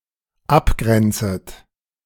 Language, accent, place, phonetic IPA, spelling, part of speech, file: German, Germany, Berlin, [ˈapˌɡʁɛnt͡sət], abgrenzet, verb, De-abgrenzet.ogg
- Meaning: second-person plural dependent subjunctive I of abgrenzen